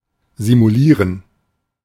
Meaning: 1. to feign 2. to malinger 3. to simulate
- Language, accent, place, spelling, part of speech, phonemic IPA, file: German, Germany, Berlin, simulieren, verb, /zimuˈliːʁən/, De-simulieren.ogg